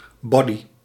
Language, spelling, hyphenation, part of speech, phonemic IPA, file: Dutch, body, bo‧dy, noun, /ˈbɔ.di/, Nl-body.ogg
- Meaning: 1. bodysuit, leotard, onesie 2. body, substance